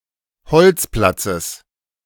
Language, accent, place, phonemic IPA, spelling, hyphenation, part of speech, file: German, Germany, Berlin, /ˈhɔlt͡sˌplat͡səs/, Holzplatzes, Holz‧plat‧zes, noun, De-Holzplatzes.ogg
- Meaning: genitive singular of Holzplatz